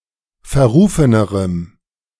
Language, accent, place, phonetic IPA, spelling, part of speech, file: German, Germany, Berlin, [fɛɐ̯ˈʁuːfənəʁəm], verrufenerem, adjective, De-verrufenerem.ogg
- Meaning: strong dative masculine/neuter singular comparative degree of verrufen